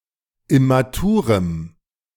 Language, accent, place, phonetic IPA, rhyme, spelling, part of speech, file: German, Germany, Berlin, [ɪmaˈtuːʁəm], -uːʁəm, immaturem, adjective, De-immaturem.ogg
- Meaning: strong dative masculine/neuter singular of immatur